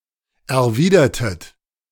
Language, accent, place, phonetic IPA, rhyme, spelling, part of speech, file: German, Germany, Berlin, [ɛɐ̯ˈviːdɐtət], -iːdɐtət, erwidertet, verb, De-erwidertet.ogg
- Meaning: inflection of erwidern: 1. second-person plural preterite 2. second-person plural subjunctive II